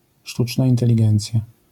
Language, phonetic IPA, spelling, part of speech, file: Polish, [ˈʃtut͡ʃna ˌĩntɛlʲiˈɡɛ̃nt͡sʲja], sztuczna inteligencja, noun, LL-Q809 (pol)-sztuczna inteligencja.wav